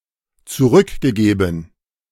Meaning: past participle of zurückgeben
- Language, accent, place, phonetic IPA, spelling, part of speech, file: German, Germany, Berlin, [t͡suˈʁʏkɡəˌɡeːbn̩], zurückgegeben, verb, De-zurückgegeben.ogg